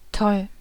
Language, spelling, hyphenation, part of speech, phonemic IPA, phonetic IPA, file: German, toll, toll, adjective, /tɔl/, [tʰɔl], De-toll.ogg
- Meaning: 1. great, nice, wonderful 2. crazy, mad